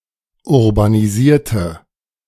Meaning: inflection of urbanisieren: 1. first/third-person singular preterite 2. first/third-person singular subjunctive II
- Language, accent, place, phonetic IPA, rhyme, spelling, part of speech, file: German, Germany, Berlin, [ʊʁbaniˈziːɐ̯tə], -iːɐ̯tə, urbanisierte, adjective / verb, De-urbanisierte.ogg